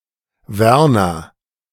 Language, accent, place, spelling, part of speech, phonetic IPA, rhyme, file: German, Germany, Berlin, Werner, proper noun, [ˈvɛʁnɐ], -ɛʁnɐ, De-Werner.ogg
- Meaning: 1. a male given name, popular in Germany since the Middle Ages 2. a common surname originating as a patronymic